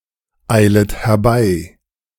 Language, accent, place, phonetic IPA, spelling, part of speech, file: German, Germany, Berlin, [ˌaɪ̯lət hɛɐ̯ˈbaɪ̯], eilet herbei, verb, De-eilet herbei.ogg
- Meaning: second-person plural subjunctive I of herbeieilen